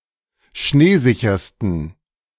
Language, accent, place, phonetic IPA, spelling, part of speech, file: German, Germany, Berlin, [ˈʃneːˌzɪçɐstn̩], schneesichersten, adjective, De-schneesichersten.ogg
- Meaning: 1. superlative degree of schneesicher 2. inflection of schneesicher: strong genitive masculine/neuter singular superlative degree